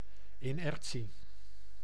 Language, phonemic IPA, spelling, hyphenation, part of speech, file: Dutch, /ɪˈnɛr(t)si/, inertie, in‧er‧tie, noun, Nl-inertie.ogg
- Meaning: 1. inertia 2. lack of dynamism or forcefulness